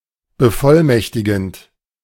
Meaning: present participle of bevollmächtigen
- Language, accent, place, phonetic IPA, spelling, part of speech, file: German, Germany, Berlin, [bəˈfɔlˌmɛçtɪɡn̩t], bevollmächtigend, verb, De-bevollmächtigend.ogg